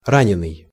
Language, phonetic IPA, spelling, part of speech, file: Russian, [ˈranʲɪnɨj], раненый, adjective / noun, Ru-раненый.ogg
- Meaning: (adjective) wounded, injured; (noun) wounded person, injured person